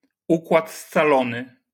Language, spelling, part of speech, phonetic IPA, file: Polish, układ scalony, noun, [ˈukwat st͡saˈlɔ̃nɨ], LL-Q809 (pol)-układ scalony.wav